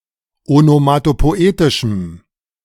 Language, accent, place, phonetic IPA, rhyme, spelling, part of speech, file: German, Germany, Berlin, [onomatopoˈʔeːtɪʃm̩], -eːtɪʃm̩, onomatopoetischem, adjective, De-onomatopoetischem.ogg
- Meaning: strong dative masculine/neuter singular of onomatopoetisch